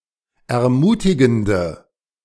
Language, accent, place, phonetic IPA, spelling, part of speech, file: German, Germany, Berlin, [ɛɐ̯ˈmuːtɪɡn̩də], ermutigende, adjective, De-ermutigende.ogg
- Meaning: inflection of ermutigend: 1. strong/mixed nominative/accusative feminine singular 2. strong nominative/accusative plural 3. weak nominative all-gender singular